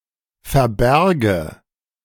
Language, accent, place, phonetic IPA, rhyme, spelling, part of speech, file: German, Germany, Berlin, [fɛɐ̯ˈbɛʁɡə], -ɛʁɡə, verbärge, verb, De-verbärge.ogg
- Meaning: first/third-person singular subjunctive II of verbergen